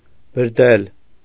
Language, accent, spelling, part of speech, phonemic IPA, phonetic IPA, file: Armenian, Eastern Armenian, բրդել, verb, /bəɾˈtʰel/, [bəɾtʰél], Hy-բրդել.ogg
- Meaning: 1. to crumble (bread) 2. to cut into pieces 3. to boast off, to brag